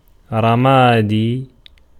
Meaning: gray (color)
- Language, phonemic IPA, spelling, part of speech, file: Arabic, /ra.maː.dijj/, رمادي, adjective, Ar-رمادي.ogg